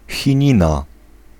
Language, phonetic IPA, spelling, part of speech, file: Polish, [xʲĩˈɲĩna], chinina, noun, Pl-chinina.ogg